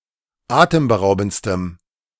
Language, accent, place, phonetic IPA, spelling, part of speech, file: German, Germany, Berlin, [ˈaːtəmbəˌʁaʊ̯bn̩t͡stəm], atemberaubendstem, adjective, De-atemberaubendstem.ogg
- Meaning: strong dative masculine/neuter singular superlative degree of atemberaubend